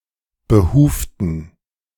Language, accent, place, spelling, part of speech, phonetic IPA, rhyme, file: German, Germany, Berlin, behuften, adjective / verb, [bəˈhuːftn̩], -uːftn̩, De-behuften.ogg
- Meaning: inflection of behuft: 1. strong genitive masculine/neuter singular 2. weak/mixed genitive/dative all-gender singular 3. strong/weak/mixed accusative masculine singular 4. strong dative plural